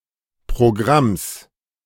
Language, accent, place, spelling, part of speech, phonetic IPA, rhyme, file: German, Germany, Berlin, Programms, noun, [pʁoˈɡʁams], -ams, De-Programms.ogg
- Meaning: genitive singular of Programm